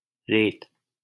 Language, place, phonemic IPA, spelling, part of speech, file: Hindi, Delhi, /ɾeːt̪/, रेत, noun, LL-Q1568 (hin)-रेत.wav
- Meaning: 1. sand 2. file, polish